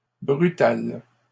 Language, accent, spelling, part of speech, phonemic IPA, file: French, Canada, brutale, adjective / noun, /bʁy.tal/, LL-Q150 (fra)-brutale.wav
- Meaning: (adjective) feminine singular of brutal; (noun) female equivalent of brutal